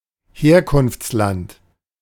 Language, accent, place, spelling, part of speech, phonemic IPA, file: German, Germany, Berlin, Herkunftsland, noun, /ˈheːɐ̯kʊnftslant/, De-Herkunftsland.ogg
- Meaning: country of origin